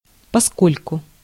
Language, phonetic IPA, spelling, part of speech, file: Russian, [pɐˈskolʲkʊ], поскольку, conjunction, Ru-поскольку.ogg
- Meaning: 1. inasmuch as, as 2. since